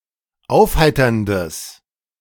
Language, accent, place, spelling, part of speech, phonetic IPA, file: German, Germany, Berlin, aufheiterndes, adjective, [ˈaʊ̯fˌhaɪ̯tɐndəs], De-aufheiterndes.ogg
- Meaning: strong/mixed nominative/accusative neuter singular of aufheiternd